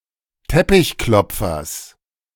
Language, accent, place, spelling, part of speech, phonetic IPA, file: German, Germany, Berlin, Teppichklopfers, noun, [ˈtɛpɪçˌklɔp͡fɐs], De-Teppichklopfers.ogg
- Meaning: genitive singular of Teppichklopfer